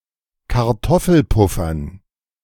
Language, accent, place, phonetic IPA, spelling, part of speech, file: German, Germany, Berlin, [kaʁˈtɔfl̩ˌpʊfɐn], Kartoffelpuffern, noun, De-Kartoffelpuffern.ogg
- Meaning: dative plural of Kartoffelpuffer